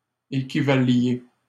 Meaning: inflection of équivaloir: 1. second-person plural imperfect indicative 2. second-person plural present subjunctive
- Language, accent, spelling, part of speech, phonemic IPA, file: French, Canada, équivaliez, verb, /e.ki.va.lje/, LL-Q150 (fra)-équivaliez.wav